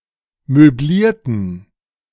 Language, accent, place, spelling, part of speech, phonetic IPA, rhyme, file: German, Germany, Berlin, möblierten, adjective, [møˈbliːɐ̯tn̩], -iːɐ̯tn̩, De-möblierten.ogg
- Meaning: inflection of möblieren: 1. first/third-person plural preterite 2. first/third-person plural subjunctive II